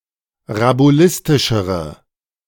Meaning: inflection of rabulistisch: 1. strong/mixed nominative/accusative feminine singular comparative degree 2. strong nominative/accusative plural comparative degree
- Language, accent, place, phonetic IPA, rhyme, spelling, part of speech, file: German, Germany, Berlin, [ʁabuˈlɪstɪʃəʁə], -ɪstɪʃəʁə, rabulistischere, adjective, De-rabulistischere.ogg